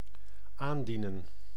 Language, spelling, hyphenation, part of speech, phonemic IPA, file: Dutch, aandienen, aan‧die‧nen, verb, /ˈaːnˌdinə(n)/, Nl-aandienen.ogg
- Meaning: 1. to announce, present (an arrival) 2. to appear, to show up, to present oneself [with als ‘as’], to arrive